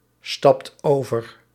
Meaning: inflection of overstappen: 1. second/third-person singular present indicative 2. plural imperative
- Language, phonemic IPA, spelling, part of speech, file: Dutch, /ˈstɑpt ˈovər/, stapt over, verb, Nl-stapt over.ogg